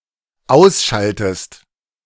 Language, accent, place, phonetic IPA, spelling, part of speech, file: German, Germany, Berlin, [ˈaʊ̯sˌʃaltəst], ausschaltest, verb, De-ausschaltest.ogg
- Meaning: inflection of ausschalten: 1. second-person singular dependent present 2. second-person singular dependent subjunctive I